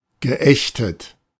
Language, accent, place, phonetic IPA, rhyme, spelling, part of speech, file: German, Germany, Berlin, [ɡəˈʔɛçtət], -ɛçtət, geächtet, adjective / verb, De-geächtet.ogg
- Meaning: past participle of ächten